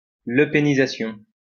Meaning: a shift in political attitudes towards Euroscepticism and against immigration
- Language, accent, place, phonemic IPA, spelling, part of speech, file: French, France, Lyon, /lə.pe.ni.za.sjɔ̃/, lepénisation, noun, LL-Q150 (fra)-lepénisation.wav